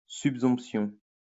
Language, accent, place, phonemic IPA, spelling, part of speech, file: French, France, Lyon, /syp.sɔ̃p.sjɔ̃/, subsomption, noun, LL-Q150 (fra)-subsomption.wav
- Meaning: subsumption